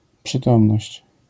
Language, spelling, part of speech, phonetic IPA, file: Polish, przytomność, noun, [pʃɨˈtɔ̃mnɔɕt͡ɕ], LL-Q809 (pol)-przytomność.wav